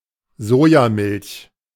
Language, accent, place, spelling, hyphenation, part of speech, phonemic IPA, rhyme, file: German, Germany, Berlin, Sojamilch, So‧ja‧milch, noun, /ˈzoːjaˌmɪlç/, -ɪlç, De-Sojamilch.ogg
- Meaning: soy milk